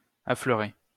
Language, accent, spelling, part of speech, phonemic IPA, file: French, France, affleurer, verb, /a.flœ.ʁe/, LL-Q150 (fra)-affleurer.wav
- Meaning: 1. to place on the same level with, to show on the same surface 2. to crop up, to surface, to poke one's head out